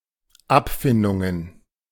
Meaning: plural of Abfindung
- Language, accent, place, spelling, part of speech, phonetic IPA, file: German, Germany, Berlin, Abfindungen, noun, [ˈapˌfɪndʊŋən], De-Abfindungen.ogg